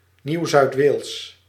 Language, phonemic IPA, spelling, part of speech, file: Dutch, /ˈniwzœytˌwels/, Nieuw-Zuid-Wales, proper noun, Nl-Nieuw-Zuid-Wales.ogg
- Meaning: New South Wales (a state of Australia, located in the southeastern part of the continent; a former British colony from 1788 to 1901)